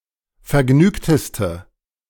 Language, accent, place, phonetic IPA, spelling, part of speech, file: German, Germany, Berlin, [fɛɐ̯ˈɡnyːktəstə], vergnügteste, adjective, De-vergnügteste.ogg
- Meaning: inflection of vergnügt: 1. strong/mixed nominative/accusative feminine singular superlative degree 2. strong nominative/accusative plural superlative degree